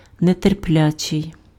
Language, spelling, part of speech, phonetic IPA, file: Ukrainian, нетерплячий, adjective, [neterˈplʲat͡ʃei̯], Uk-нетерплячий.ogg
- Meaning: impatient